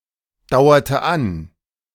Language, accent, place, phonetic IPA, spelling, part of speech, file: German, Germany, Berlin, [ˌdaʊ̯ɐtə ˈan], dauerte an, verb, De-dauerte an.ogg
- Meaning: inflection of andauern: 1. first/third-person singular preterite 2. first/third-person singular subjunctive II